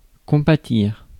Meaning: to sympathise, empathise, feel for
- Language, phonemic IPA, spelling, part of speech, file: French, /kɔ̃.pa.tiʁ/, compatir, verb, Fr-compatir.ogg